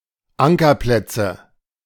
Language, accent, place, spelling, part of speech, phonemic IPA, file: German, Germany, Berlin, Ankerplätze, noun, /ˈʔaŋkɐˌplɛtsə/, De-Ankerplätze.ogg
- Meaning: nominative/accusative/genitive plural of Ankerplatz